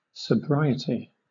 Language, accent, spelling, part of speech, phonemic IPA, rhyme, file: English, Southern England, sobriety, noun, /səˈbɹaɪ.ɪ.ti/, -aɪɪti, LL-Q1860 (eng)-sobriety.wav
- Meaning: 1. The quality or state of being sober 2. The quality or state of being sober.: The quality or state of not being intoxicated